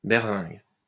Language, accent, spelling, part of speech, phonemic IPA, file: French, France, berzingue, noun, /bɛʁ.zɛ̃ɡ/, LL-Q150 (fra)-berzingue.wav
- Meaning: speed (rapidity; rate of motion)